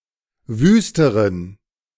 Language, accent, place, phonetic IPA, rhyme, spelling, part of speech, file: German, Germany, Berlin, [ˈvyːstəʁən], -yːstəʁən, wüsteren, adjective, De-wüsteren.ogg
- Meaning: inflection of wüst: 1. strong genitive masculine/neuter singular comparative degree 2. weak/mixed genitive/dative all-gender singular comparative degree